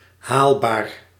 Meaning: feasible, achievable, accomplishable
- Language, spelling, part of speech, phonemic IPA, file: Dutch, haalbaar, adjective, /ˈhalbar/, Nl-haalbaar.ogg